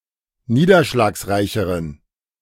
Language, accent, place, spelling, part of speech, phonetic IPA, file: German, Germany, Berlin, niederschlagsreicheren, adjective, [ˈniːdɐʃlaːksˌʁaɪ̯çəʁən], De-niederschlagsreicheren.ogg
- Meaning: inflection of niederschlagsreich: 1. strong genitive masculine/neuter singular comparative degree 2. weak/mixed genitive/dative all-gender singular comparative degree